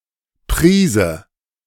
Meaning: 1. pinch, dash (amount that can be held between thumb, index and middle finger, of salt, flour, powder etc.) 2. prize (captured ship or freight) 3. booty, spoils (in general)
- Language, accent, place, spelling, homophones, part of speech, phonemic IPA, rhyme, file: German, Germany, Berlin, Prise, priese, noun, /ˈpʁiːzə/, -iːzə, De-Prise.ogg